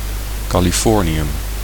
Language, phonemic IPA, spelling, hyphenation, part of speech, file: Dutch, /ˌkaː.liˈfɔr.ni.ʏm/, californium, ca‧li‧for‧ni‧um, noun, Nl-californium.ogg
- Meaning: californium